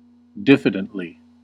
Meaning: In a diffident manner; without confidence in oneself
- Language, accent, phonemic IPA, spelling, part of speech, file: English, US, /ˈdɪf.ɪ.dənt.li/, diffidently, adverb, En-us-diffidently.ogg